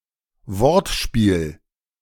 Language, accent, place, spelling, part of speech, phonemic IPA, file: German, Germany, Berlin, Wortspiel, noun, /ˈvɔʁtˌʃpiːl/, De-Wortspiel.ogg
- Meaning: pun, wordplay